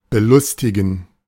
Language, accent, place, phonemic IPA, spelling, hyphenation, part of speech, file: German, Germany, Berlin, /bəˈlʊstɪɡn̩/, belustigen, be‧lus‧ti‧gen, verb, De-belustigen.ogg
- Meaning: 1. to poke fun 2. to amuse